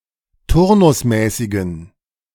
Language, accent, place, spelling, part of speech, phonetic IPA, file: German, Germany, Berlin, turnusmäßigen, adjective, [ˈtʊʁnʊsˌmɛːsɪɡn̩], De-turnusmäßigen.ogg
- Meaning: inflection of turnusmäßig: 1. strong genitive masculine/neuter singular 2. weak/mixed genitive/dative all-gender singular 3. strong/weak/mixed accusative masculine singular 4. strong dative plural